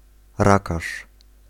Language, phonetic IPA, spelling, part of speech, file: Polish, [ˈrakaʃ], rakarz, noun, Pl-rakarz.ogg